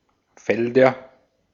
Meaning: nominative/accusative/genitive plural of Feld (“field”)
- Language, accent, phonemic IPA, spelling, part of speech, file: German, Austria, /ˈfɛldɐ/, Felder, noun, De-at-Felder.ogg